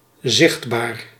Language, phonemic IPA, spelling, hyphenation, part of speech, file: Dutch, /ˈzɪxtbaːr/, zichtbaar, zicht‧baar, adjective, Nl-zichtbaar.ogg
- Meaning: visible